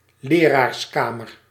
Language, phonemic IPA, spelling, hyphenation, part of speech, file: Dutch, /ˈleː.raːrsˌkaː.mər/, leraarskamer, le‧raars‧ka‧mer, noun, Nl-leraarskamer.ogg
- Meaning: alternative form of lerarenkamer